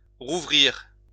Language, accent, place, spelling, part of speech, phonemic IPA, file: French, France, Lyon, rouvrir, verb, /ʁu.vʁiʁ/, LL-Q150 (fra)-rouvrir.wav
- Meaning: to reopen, to open again